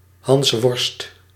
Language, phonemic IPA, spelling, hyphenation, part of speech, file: Dutch, /ˈɦɑns.ʋɔrst/, hansworst, hans‧worst, noun, Nl-hansworst.ogg
- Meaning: 1. butterfingers, klutz, meathead 2. comic theatre persona, similar to a harlequin or clown